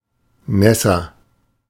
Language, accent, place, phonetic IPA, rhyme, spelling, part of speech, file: German, Germany, Berlin, [ˈnɛsɐ], -ɛsɐ, nässer, adjective, De-nässer.ogg
- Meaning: comparative degree of nass